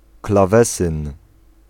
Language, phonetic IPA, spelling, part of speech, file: Polish, [klaˈvɛsɨ̃n], klawesyn, noun, Pl-klawesyn.ogg